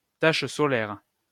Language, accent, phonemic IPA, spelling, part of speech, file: French, France, /taʃ sɔ.lɛʁ/, tache solaire, noun, LL-Q150 (fra)-tache solaire.wav
- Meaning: a sunspot